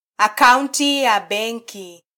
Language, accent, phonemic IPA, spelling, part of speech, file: Swahili, Kenya, /ɑ.kɑˈun.ti jɑ ˈɓɛn.ki/, akaunti ya benki, noun, Sw-ke-akaunti ya benki.flac
- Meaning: bank account